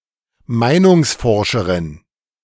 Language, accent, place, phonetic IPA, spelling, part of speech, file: German, Germany, Berlin, [ˈmaɪ̯nʊŋsˌfɔʁʃəʁɪn], Meinungsforscherin, noun, De-Meinungsforscherin.ogg
- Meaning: female equivalent of Meinungsforscher (“opinion pollster”)